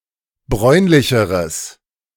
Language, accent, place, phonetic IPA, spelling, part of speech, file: German, Germany, Berlin, [ˈbʁɔɪ̯nlɪçəʁəs], bräunlicheres, adjective, De-bräunlicheres.ogg
- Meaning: strong/mixed nominative/accusative neuter singular comparative degree of bräunlich